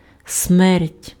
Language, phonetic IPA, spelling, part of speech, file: Ukrainian, [smɛrtʲ], смерть, noun, Uk-смерть.ogg
- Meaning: death